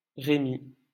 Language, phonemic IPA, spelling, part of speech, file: French, /ʁe.mi/, Rémi, proper noun, LL-Q150 (fra)-Rémi.wav
- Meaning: a male given name, alternative spelling of Remi